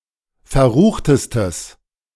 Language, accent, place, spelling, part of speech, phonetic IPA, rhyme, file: German, Germany, Berlin, verruchtestes, adjective, [fɛɐ̯ˈʁuːxtəstəs], -uːxtəstəs, De-verruchtestes.ogg
- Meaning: strong/mixed nominative/accusative neuter singular superlative degree of verrucht